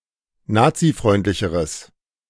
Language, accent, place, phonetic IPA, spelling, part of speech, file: German, Germany, Berlin, [ˈnaːt͡siˌfʁɔɪ̯ntlɪçəʁəs], nazifreundlicheres, adjective, De-nazifreundlicheres.ogg
- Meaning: strong/mixed nominative/accusative neuter singular comparative degree of nazifreundlich